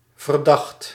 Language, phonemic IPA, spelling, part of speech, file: Dutch, /vərˈdɑxt/, verdacht, adjective / noun / verb, Nl-verdacht.ogg
- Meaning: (adjective) suspicious, suspect; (noun) suspicion; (verb) 1. singular past indicative of verdenken 2. past participle of verdenken